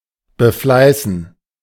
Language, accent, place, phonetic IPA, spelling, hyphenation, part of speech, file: German, Germany, Berlin, [bəˈflaɪ̯sn̩], befleißen, be‧flei‧ßen, verb, De-befleißen.ogg
- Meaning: to endeavour, to make an effort to practise/practice